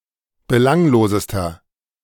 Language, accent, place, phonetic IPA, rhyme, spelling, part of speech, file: German, Germany, Berlin, [bəˈlaŋloːzəstɐ], -aŋloːzəstɐ, belanglosester, adjective, De-belanglosester.ogg
- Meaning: inflection of belanglos: 1. strong/mixed nominative masculine singular superlative degree 2. strong genitive/dative feminine singular superlative degree 3. strong genitive plural superlative degree